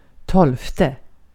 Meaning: twelfth
- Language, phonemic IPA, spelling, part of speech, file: Swedish, /ˈtɔlfˌtɛ/, tolfte, numeral, Sv-tolfte.ogg